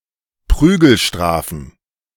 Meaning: plural of Prügelstrafe
- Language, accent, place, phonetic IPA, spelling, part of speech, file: German, Germany, Berlin, [ˈpʁyːɡl̩ˌʃtʁaːfn̩], Prügelstrafen, noun, De-Prügelstrafen.ogg